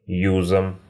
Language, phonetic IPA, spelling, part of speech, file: Russian, [ˈjuzəm], юзом, noun, Ru-юзом.ogg
- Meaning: instrumental singular of юз (juz)